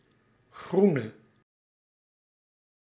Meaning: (adjective) inflection of groen: 1. masculine/feminine singular attributive 2. definite neuter singular attributive 3. plural attributive
- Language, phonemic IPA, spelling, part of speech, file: Dutch, /ˈɣru.nə/, groene, adjective / noun, Nl-groene.ogg